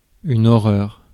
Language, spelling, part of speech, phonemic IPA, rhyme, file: French, horreur, noun, /ɔ.ʁœʁ/, -œʁ, Fr-horreur.ogg
- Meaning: 1. horror (emotion) 2. horror (something horrible) 3. eyesore 4. horror (genre)